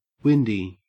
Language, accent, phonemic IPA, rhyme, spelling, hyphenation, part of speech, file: English, Australia, /ˈwɪn.di/, -ɪndi, windy, win‧dy, adjective / noun, En-au-windy.ogg
- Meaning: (adjective) 1. Accompanied by wind 2. Unsheltered and open to the wind 3. Empty and lacking substance 4. Long-winded; orally verbose 5. Flatulent 6. Nervous, frightened; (noun) A fart